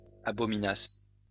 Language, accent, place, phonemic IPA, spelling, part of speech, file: French, France, Lyon, /a.bɔ.mi.nas/, abominasses, verb, LL-Q150 (fra)-abominasses.wav
- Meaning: second-person singular imperfect subjunctive of abominer